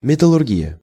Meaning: metallurgy
- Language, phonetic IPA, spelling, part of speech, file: Russian, [mʲɪtəɫʊrˈɡʲijə], металлургия, noun, Ru-металлургия.ogg